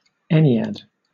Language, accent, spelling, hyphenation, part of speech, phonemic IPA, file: English, Southern England, ennead, en‧ne‧ad, noun, /ˈɛnɪad/, LL-Q1860 (eng)-ennead.wav
- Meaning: 1. The number nine 2. Any grouping or system containing nine objects